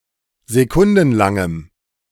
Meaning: strong dative masculine/neuter singular of sekundenlang
- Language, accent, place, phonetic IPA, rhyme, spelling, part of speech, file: German, Germany, Berlin, [zeˈkʊndn̩ˌlaŋəm], -ʊndn̩laŋəm, sekundenlangem, adjective, De-sekundenlangem.ogg